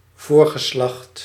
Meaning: 1. ancestors, previous generations 2. a particular generation of ancestors or previous generation
- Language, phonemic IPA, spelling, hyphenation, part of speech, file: Dutch, /ˈvoːr.ɣəˌslɑxt/, voorgeslacht, voor‧ge‧slacht, noun, Nl-voorgeslacht.ogg